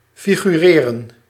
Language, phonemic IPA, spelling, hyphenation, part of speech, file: Dutch, /ˌfi.ɣyˈreː.rə(n)/, figureren, fi‧gu‧re‧ren, verb, Nl-figureren.ogg
- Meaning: 1. to form, to shape 2. to assume form, to appear (in a certain way) 3. to imagine, to form a mental representation 4. to play a role 5. to be an extra, to play the role of an extra